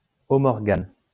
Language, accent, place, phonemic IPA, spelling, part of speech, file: French, France, Lyon, /ɔ.mɔʁ.ɡan/, homorgane, adjective, LL-Q150 (fra)-homorgane.wav
- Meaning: homorganic